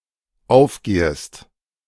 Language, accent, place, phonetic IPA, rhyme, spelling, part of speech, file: German, Germany, Berlin, [ˈaʊ̯fˌɡeːəst], -aʊ̯fɡeːəst, aufgehest, verb, De-aufgehest.ogg
- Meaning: second-person singular dependent subjunctive I of aufgehen